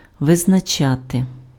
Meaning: 1. to determine 2. to define
- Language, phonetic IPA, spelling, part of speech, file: Ukrainian, [ʋeznɐˈt͡ʃate], визначати, verb, Uk-визначати.ogg